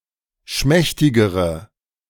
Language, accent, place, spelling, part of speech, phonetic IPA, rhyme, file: German, Germany, Berlin, schmächtigere, adjective, [ˈʃmɛçtɪɡəʁə], -ɛçtɪɡəʁə, De-schmächtigere.ogg
- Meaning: inflection of schmächtig: 1. strong/mixed nominative/accusative feminine singular comparative degree 2. strong nominative/accusative plural comparative degree